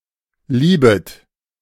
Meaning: second-person plural subjunctive I of lieben
- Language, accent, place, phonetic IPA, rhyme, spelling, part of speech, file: German, Germany, Berlin, [ˈliːbət], -iːbət, liebet, verb, De-liebet.ogg